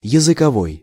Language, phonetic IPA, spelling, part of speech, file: Russian, [(j)ɪzɨkɐˈvoj], языковой, adjective, Ru-языковой.ogg
- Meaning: 1. tongue 2. language; linguistic